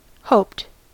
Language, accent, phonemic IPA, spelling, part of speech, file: English, US, /hoʊpt/, hoped, verb, En-us-hoped.ogg
- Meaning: simple past and past participle of hope